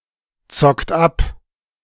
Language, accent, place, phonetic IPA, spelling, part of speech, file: German, Germany, Berlin, [ˌt͡sɔkt ˈap], zockt ab, verb, De-zockt ab.ogg
- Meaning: inflection of abzocken: 1. third-person singular present 2. second-person plural present 3. plural imperative